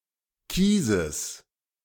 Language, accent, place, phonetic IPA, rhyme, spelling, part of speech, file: German, Germany, Berlin, [ˈkiːzəs], -iːzəs, Kieses, noun, De-Kieses.ogg
- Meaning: genitive singular of Kies